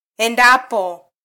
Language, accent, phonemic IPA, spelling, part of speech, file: Swahili, Kenya, /ɛˈⁿdɑ.pɔ/, endapo, conjunction, Sw-ke-endapo.flac
- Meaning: if it should happen, supposing it happens